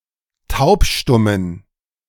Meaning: inflection of taubstumm: 1. strong genitive masculine/neuter singular 2. weak/mixed genitive/dative all-gender singular 3. strong/weak/mixed accusative masculine singular 4. strong dative plural
- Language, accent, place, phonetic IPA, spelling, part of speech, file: German, Germany, Berlin, [ˈtaʊ̯pˌʃtʊmən], taubstummen, adjective, De-taubstummen.ogg